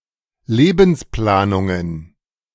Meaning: plural of Lebensplanung
- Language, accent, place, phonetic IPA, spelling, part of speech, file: German, Germany, Berlin, [ˈleːbn̩sˌplaːnʊŋən], Lebensplanungen, noun, De-Lebensplanungen.ogg